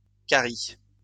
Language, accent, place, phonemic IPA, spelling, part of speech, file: French, France, Lyon, /ka.ʁi/, caries, noun / verb, LL-Q150 (fra)-caries.wav
- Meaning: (noun) plural of carie; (verb) second-person singular present indicative/subjunctive of carier